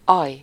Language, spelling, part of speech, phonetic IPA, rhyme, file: Hungarian, aj, interjection / noun, [ˈɒj], -ɒj, Hu-aj.ogg
- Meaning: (interjection) oh; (noun) opening